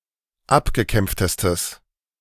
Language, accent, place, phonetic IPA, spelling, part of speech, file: German, Germany, Berlin, [ˈapɡəˌkɛmp͡ftəstəs], abgekämpftestes, adjective, De-abgekämpftestes.ogg
- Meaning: strong/mixed nominative/accusative neuter singular superlative degree of abgekämpft